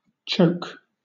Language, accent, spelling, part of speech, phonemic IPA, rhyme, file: English, Southern England, choke, verb / noun, /t͡ʃəʊk/, -əʊk, LL-Q1860 (eng)-choke.wav